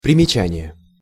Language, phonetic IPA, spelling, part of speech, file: Russian, [prʲɪmʲɪˈt͡ɕænʲɪje], примечание, noun, Ru-примечание.ogg
- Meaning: note, notice, annotation, comment (marginal comment or explanation)